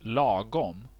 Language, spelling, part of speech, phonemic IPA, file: Swedish, lagom, adverb / adjective, /ˈlɑːˌɡɔm/, Sv-lagom.ogg
- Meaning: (adverb) right, fitting, neither too much nor too little